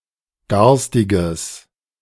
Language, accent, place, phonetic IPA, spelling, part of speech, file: German, Germany, Berlin, [ˈɡaʁstɪɡəs], garstiges, adjective, De-garstiges.ogg
- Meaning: strong/mixed nominative/accusative neuter singular of garstig